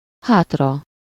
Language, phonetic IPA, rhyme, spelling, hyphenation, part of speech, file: Hungarian, [ˈhaːtrɒ], -rɒ, hátra, hát‧ra, adverb / noun, Hu-hátra.ogg
- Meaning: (adverb) 1. backwards 2. behind (to a place closer to the back); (noun) sublative singular of hát